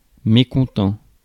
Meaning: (adjective) malcontent, discontented, displeased, dissatisfied, disgruntled, disaffected; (noun) malcontent
- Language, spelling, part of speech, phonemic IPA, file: French, mécontent, adjective / noun, /me.kɔ̃.tɑ̃/, Fr-mécontent.ogg